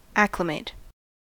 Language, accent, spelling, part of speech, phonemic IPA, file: English, US, acclimate, verb, /ˈæk.lɪ.meɪt/, En-us-acclimate.ogg
- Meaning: 1. To habituate to a climate not native; to acclimatize 2. To adjust to a new environment; not necessarily a wild, natural, earthy one 3. To become accustomed to a new climate or environment